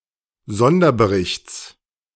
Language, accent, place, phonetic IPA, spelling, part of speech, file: German, Germany, Berlin, [ˈzɔndɐbəˌʁɪçt͡s], Sonderberichts, noun, De-Sonderberichts.ogg
- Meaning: genitive singular of Sonderbericht